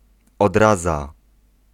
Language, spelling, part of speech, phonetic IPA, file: Polish, odraza, noun, [ɔdˈraza], Pl-odraza.ogg